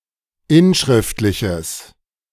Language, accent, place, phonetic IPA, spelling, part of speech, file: German, Germany, Berlin, [ˈɪnˌʃʁɪftlɪçəs], inschriftliches, adjective, De-inschriftliches.ogg
- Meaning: strong/mixed nominative/accusative neuter singular of inschriftlich